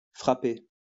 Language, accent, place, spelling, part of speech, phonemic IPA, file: French, France, Lyon, frappé, adjective / verb / noun, /fʁa.pe/, LL-Q150 (fra)-frappé.wav
- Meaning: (adjective) 1. beaten, hit 2. touched in the head 3. iced, chilled; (verb) past participle of frapper; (noun) 1. downbeat 2. milkshake 3. Short for café frappé, iced coffee